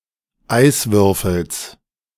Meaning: genitive singular of Eiswürfel
- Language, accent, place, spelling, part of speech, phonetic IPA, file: German, Germany, Berlin, Eiswürfels, noun, [ˈaɪ̯svʏʁfl̩s], De-Eiswürfels.ogg